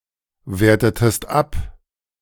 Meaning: inflection of abwerten: 1. second-person singular preterite 2. second-person singular subjunctive II
- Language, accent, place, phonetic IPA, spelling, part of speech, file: German, Germany, Berlin, [ˌveːɐ̯tətəst ˈap], wertetest ab, verb, De-wertetest ab.ogg